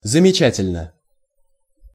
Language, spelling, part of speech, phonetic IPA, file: Russian, замечательно, adverb / adjective, [zəmʲɪˈt͡ɕætʲɪlʲnə], Ru-замечательно.ogg
- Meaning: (adverb) remarkably; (adjective) 1. it is remarkable, it is outstanding 2. it is wonderful 3. one is noted 4. short neuter singular of замеча́тельный (zamečátelʹnyj)